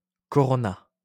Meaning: clipping of coronavirus
- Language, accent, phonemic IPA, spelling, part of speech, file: French, France, /kɔ.ʁɔ.na/, corona, noun, LL-Q150 (fra)-corona.wav